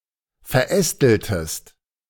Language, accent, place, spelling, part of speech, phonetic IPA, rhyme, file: German, Germany, Berlin, verästeltest, verb, [fɛɐ̯ˈʔɛstl̩təst], -ɛstl̩təst, De-verästeltest.ogg
- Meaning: inflection of verästeln: 1. second-person singular preterite 2. second-person singular subjunctive II